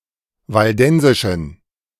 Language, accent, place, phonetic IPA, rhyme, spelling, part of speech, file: German, Germany, Berlin, [valˈdɛnzɪʃn̩], -ɛnzɪʃn̩, waldensischen, adjective, De-waldensischen.ogg
- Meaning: inflection of waldensisch: 1. strong genitive masculine/neuter singular 2. weak/mixed genitive/dative all-gender singular 3. strong/weak/mixed accusative masculine singular 4. strong dative plural